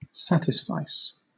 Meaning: To satisfy
- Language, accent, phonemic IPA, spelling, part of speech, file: English, Southern England, /ˈsætɪsfaɪs/, satisfice, verb, LL-Q1860 (eng)-satisfice.wav